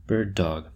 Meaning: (noun) 1. A gun dog used in hunting waterfowl and other birds to flush, point out, and/or retrieve the birds 2. A tout
- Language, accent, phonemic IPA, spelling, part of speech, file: English, US, /ˈbɜːd dɒɡ/, bird dog, noun / verb, En-us-bird dog.oga